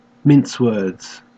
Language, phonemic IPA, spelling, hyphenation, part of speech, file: English, /ˌmɪns ˈwɜːdz/, mince words, mince words, verb, En-au-mince words.ogg
- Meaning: To restrain oneself when speaking by withholding some comments or using euphemisms in order to be polite, tactful, etc